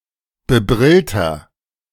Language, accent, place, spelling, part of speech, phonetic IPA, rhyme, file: German, Germany, Berlin, bebrillter, adjective, [bəˈbʁɪltɐ], -ɪltɐ, De-bebrillter.ogg
- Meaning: inflection of bebrillt: 1. strong/mixed nominative masculine singular 2. strong genitive/dative feminine singular 3. strong genitive plural